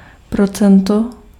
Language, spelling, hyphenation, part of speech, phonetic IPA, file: Czech, procento, pro‧cen‧to, noun, [ˈprot͡sɛnto], Cs-procento.ogg
- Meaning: percent